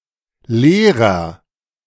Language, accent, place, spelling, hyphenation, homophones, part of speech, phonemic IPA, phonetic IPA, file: German, Germany, Berlin, Lehrer, Leh‧rer, leerer, noun, /ˈleːrər/, [ˈleːʁɐ], De-Lehrer2.ogg
- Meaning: agent noun of lehren: one who teaches, teacher, instructor, especially a school teacher